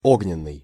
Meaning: 1. fire 2. fiery
- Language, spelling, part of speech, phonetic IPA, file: Russian, огненный, adjective, [ˈoɡnʲɪn(ː)ɨj], Ru-огненный.ogg